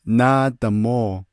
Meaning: 1. next Sunday 2. next week
- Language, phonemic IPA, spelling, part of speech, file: Navajo, /nɑ́ːtɑ̀môː/, náádamóo, noun, Nv-náádamóo.ogg